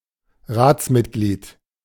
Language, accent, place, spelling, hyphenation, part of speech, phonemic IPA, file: German, Germany, Berlin, Ratsmitglied, Rats‧mit‧glied, noun, /ˈʁaːtsˌmɪtɡliːd/, De-Ratsmitglied.ogg
- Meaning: member of a council, councilmember, councillor